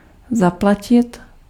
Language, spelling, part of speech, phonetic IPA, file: Czech, zaplatit, verb, [ˈzaplacɪt], Cs-zaplatit.ogg
- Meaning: to pay